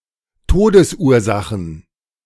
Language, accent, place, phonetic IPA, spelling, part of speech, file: German, Germany, Berlin, [ˈtoːdəsˌʔuːɐ̯zaxn̩], Todesursachen, noun, De-Todesursachen.ogg
- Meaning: plural of Todesursache